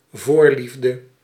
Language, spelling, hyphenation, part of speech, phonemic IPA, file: Dutch, voorliefde, voor‧lief‧de, noun, /ˈvoːrˌlif.də/, Nl-voorliefde.ogg
- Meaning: preference, in particular a relatively intense or strong one; predilection